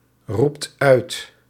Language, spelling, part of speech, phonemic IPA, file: Dutch, roept uit, verb, /ˈrupt ˈœyt/, Nl-roept uit.ogg
- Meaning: inflection of uitroepen: 1. second/third-person singular present indicative 2. plural imperative